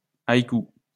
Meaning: haiku (Japanese poem)
- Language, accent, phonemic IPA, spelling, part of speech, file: French, France, /aj.ku/, haïku, noun, LL-Q150 (fra)-haïku.wav